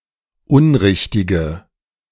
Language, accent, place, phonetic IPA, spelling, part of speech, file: German, Germany, Berlin, [ˈʊnˌʁɪçtɪɡə], unrichtige, adjective, De-unrichtige.ogg
- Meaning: inflection of unrichtig: 1. strong/mixed nominative/accusative feminine singular 2. strong nominative/accusative plural 3. weak nominative all-gender singular